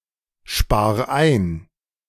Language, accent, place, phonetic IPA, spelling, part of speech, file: German, Germany, Berlin, [ˌʃpaːɐ̯ ˈaɪ̯n], spar ein, verb, De-spar ein.ogg
- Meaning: 1. singular imperative of einsparen 2. first-person singular present of einsparen